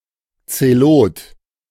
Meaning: 1. zealot (member of the Zealot movement in Judea) 2. zealot (zealous person)
- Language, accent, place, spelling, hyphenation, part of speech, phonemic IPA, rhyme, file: German, Germany, Berlin, Zelot, Ze‧lot, noun, /tseˈloːt/, -oːt, De-Zelot.ogg